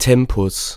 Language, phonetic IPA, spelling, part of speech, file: German, [ˈtɛmpʊs], Tempus, noun, De-Tempus.ogg
- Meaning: tense